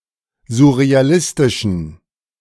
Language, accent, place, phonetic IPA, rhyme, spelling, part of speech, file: German, Germany, Berlin, [zʊʁeaˈlɪstɪʃn̩], -ɪstɪʃn̩, surrealistischen, adjective, De-surrealistischen.ogg
- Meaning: inflection of surrealistisch: 1. strong genitive masculine/neuter singular 2. weak/mixed genitive/dative all-gender singular 3. strong/weak/mixed accusative masculine singular 4. strong dative plural